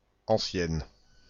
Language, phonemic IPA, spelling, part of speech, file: French, /ɑ̃.sjɛn/, ancienne, adjective, Fr-ancienne.ogg
- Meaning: feminine singular of ancien